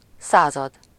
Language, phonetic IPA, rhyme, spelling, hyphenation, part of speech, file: Hungarian, [ˈsaːzɒd], -ɒd, század, szá‧zad, numeral / noun, Hu-század.ogg
- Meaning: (numeral) one hundredth (1/100); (noun) 1. century (100 years) 2. company